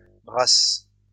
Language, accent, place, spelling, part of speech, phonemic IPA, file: French, France, Lyon, brasses, noun, /bʁas/, LL-Q150 (fra)-brasses.wav
- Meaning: plural of brasse